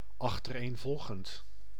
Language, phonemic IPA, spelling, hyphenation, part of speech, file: Dutch, /ɑx.tər.eːnˈvɔl.ɣənt/, achtereenvolgend, ach‧ter‧een‧vol‧gend, adjective, Nl-achtereenvolgend.ogg
- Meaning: consecutive